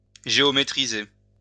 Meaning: to geometrize
- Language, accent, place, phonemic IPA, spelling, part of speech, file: French, France, Lyon, /ʒe.ɔ.me.tʁi.ze/, géométriser, verb, LL-Q150 (fra)-géométriser.wav